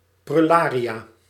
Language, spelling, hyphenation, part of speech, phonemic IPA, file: Dutch, prullaria, prul‧la‧ria, noun, /prʏˈlaːri(j)aː/, Nl-prullaria.ogg
- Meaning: 1. trinkets, trifles 2. plural of prullarium